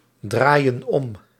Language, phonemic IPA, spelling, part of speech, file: Dutch, /ˈdrajə(n) ˈɔm/, draaien om, verb, Nl-draaien om.ogg
- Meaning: inflection of omdraaien: 1. plural present indicative 2. plural present subjunctive